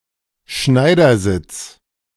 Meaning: sitting tailor-fashion (cross-legged seating position)
- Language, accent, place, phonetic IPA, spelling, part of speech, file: German, Germany, Berlin, [ˈʃnaɪ̯dɐˌzɪt͡s], Schneidersitz, noun, De-Schneidersitz.ogg